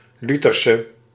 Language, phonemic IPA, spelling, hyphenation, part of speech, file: Dutch, /ˈly.tər.sə/, lutherse, lu‧ther‧se, noun / adjective, Nl-lutherse.ogg
- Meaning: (noun) Lutheran; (adjective) inflection of luthers: 1. masculine/feminine singular attributive 2. definite neuter singular attributive 3. plural attributive